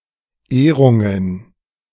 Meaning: plural of Ehrung
- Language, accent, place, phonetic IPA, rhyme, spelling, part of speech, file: German, Germany, Berlin, [ˈeːʁʊŋən], -eːʁʊŋən, Ehrungen, noun, De-Ehrungen.ogg